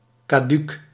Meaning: broken
- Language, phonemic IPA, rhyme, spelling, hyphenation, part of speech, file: Dutch, /kɑˈdyk/, -yk, kaduuk, ka‧duuk, adjective, Nl-kaduuk.ogg